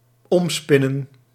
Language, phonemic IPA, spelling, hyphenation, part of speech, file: Dutch, /ˌɔmˈspɪ.nə(n)/, omspinnen, om‧spin‧nen, verb, Nl-omspinnen.ogg
- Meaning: to wrap around (with a thread)